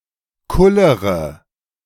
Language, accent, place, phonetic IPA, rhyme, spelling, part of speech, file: German, Germany, Berlin, [ˈkʊləʁə], -ʊləʁə, kullere, verb, De-kullere.ogg
- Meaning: inflection of kullern: 1. first-person singular present 2. first-person plural subjunctive I 3. third-person singular subjunctive I 4. singular imperative